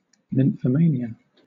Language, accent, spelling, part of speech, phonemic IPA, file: English, Southern England, nymphomania, noun, /nɪmfəˈmeɪnɪə/, LL-Q1860 (eng)-nymphomania.wav
- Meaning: Excess of sexual behaviour or desire in women